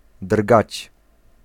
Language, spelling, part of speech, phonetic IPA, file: Polish, drgać, verb, [drɡat͡ɕ], Pl-drgać.ogg